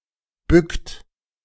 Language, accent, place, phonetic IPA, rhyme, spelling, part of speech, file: German, Germany, Berlin, [bʏkt], -ʏkt, bückt, verb, De-bückt.ogg
- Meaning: inflection of bücken: 1. second-person plural present 2. third-person singular present 3. plural imperative